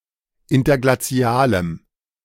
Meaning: strong dative masculine/neuter singular of interglazial
- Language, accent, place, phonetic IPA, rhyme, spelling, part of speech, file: German, Germany, Berlin, [ˌɪntɐɡlaˈt͡si̯aːləm], -aːləm, interglazialem, adjective, De-interglazialem.ogg